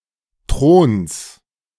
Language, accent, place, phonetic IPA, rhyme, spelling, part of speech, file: German, Germany, Berlin, [tʁoːns], -oːns, Throns, noun, De-Throns.ogg
- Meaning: genitive singular of Thron